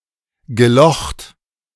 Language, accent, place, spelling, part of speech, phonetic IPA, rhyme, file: German, Germany, Berlin, gelocht, verb, [ɡəˈlɔxt], -ɔxt, De-gelocht.ogg
- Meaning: past participle of lochen